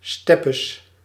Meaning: plural of steppe
- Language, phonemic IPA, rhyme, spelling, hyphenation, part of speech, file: Dutch, /ˈstɛpəs/, -ɛpəs, steppes, step‧pes, noun, Nl-steppes.ogg